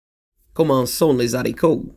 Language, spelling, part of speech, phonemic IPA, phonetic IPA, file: French, comment sont les zaricos, phrase, /kɔ̃.mɑ̃ sɔ̃ le‿za.ri.ko/, [kɔ̃.mɔ̃ sɔ̃ le‿zɑ.ɾi.ko], Frc-comment sont les zaricos.oga
- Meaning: how are you?, how are things?